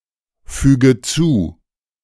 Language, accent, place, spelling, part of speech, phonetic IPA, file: German, Germany, Berlin, füge zu, verb, [ˌfyːɡə ˈt͡suː], De-füge zu.ogg
- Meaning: inflection of zufügen: 1. first-person singular present 2. first/third-person singular subjunctive I 3. singular imperative